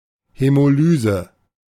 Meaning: hemolysis
- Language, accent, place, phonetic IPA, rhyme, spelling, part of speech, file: German, Germany, Berlin, [hɛmoˈlyːzə], -yːzə, Hämolyse, noun, De-Hämolyse.ogg